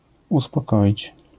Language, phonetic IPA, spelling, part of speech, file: Polish, [ˌuspɔˈkɔʲit͡ɕ], uspokoić, verb, LL-Q809 (pol)-uspokoić.wav